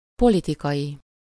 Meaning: political
- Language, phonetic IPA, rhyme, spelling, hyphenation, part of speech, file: Hungarian, [ˈpolitikɒji], -ji, politikai, po‧li‧ti‧kai, adjective, Hu-politikai.ogg